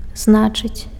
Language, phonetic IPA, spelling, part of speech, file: Belarusian, [ˈznat͡ʂɨt͡sʲ], значыць, verb, Be-значыць.ogg
- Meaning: 1. to mean, to signify 2. to mean, to be of importance, to matter